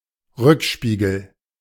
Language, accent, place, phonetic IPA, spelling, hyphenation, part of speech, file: German, Germany, Berlin, [ˈʁʏkˌʃpiːɡl̩], Rückspiegel, Rück‧spie‧gel, noun, De-Rückspiegel.ogg
- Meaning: rearview mirror